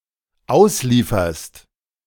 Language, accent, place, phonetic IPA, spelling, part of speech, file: German, Germany, Berlin, [ˈaʊ̯sˌliːfɐst], auslieferst, verb, De-auslieferst.ogg
- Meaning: second-person singular dependent present of ausliefern